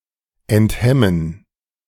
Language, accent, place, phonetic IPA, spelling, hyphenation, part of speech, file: German, Germany, Berlin, [ɛntˈhɛmən], enthemmen, ent‧hem‧men, verb, De-enthemmen.ogg
- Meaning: to disinhibit